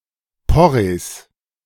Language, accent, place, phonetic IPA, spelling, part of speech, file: German, Germany, Berlin, [ˈpɔʁeːs], Porrees, noun, De-Porrees.ogg
- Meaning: genitive singular of Porree